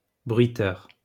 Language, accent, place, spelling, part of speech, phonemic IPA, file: French, France, Lyon, bruiteur, noun, /bʁɥi.tœʁ/, LL-Q150 (fra)-bruiteur.wav
- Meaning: foley artist